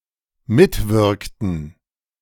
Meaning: inflection of mitwirken: 1. first/third-person plural dependent preterite 2. first/third-person plural dependent subjunctive II
- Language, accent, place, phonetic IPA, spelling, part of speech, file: German, Germany, Berlin, [ˈmɪtˌvɪʁktn̩], mitwirkten, verb, De-mitwirkten.ogg